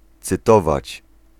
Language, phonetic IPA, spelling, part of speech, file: Polish, [t͡sɨˈtɔvat͡ɕ], cytować, verb, Pl-cytować.ogg